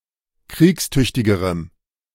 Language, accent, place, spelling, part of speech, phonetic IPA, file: German, Germany, Berlin, kriegstüchtigerem, adjective, [ˈkʁiːksˌtʏçtɪɡəʁəm], De-kriegstüchtigerem.ogg
- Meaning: strong dative masculine/neuter singular comparative degree of kriegstüchtig